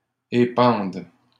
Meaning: third-person plural present indicative/subjunctive of épandre
- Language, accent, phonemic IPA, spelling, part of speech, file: French, Canada, /e.pɑ̃d/, épandent, verb, LL-Q150 (fra)-épandent.wav